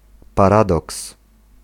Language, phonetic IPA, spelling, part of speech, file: Polish, [paˈradɔks], paradoks, noun, Pl-paradoks.ogg